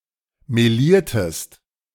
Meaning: inflection of melieren: 1. second-person singular preterite 2. second-person singular subjunctive II
- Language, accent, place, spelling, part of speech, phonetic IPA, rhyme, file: German, Germany, Berlin, meliertest, verb, [meˈliːɐ̯təst], -iːɐ̯təst, De-meliertest.ogg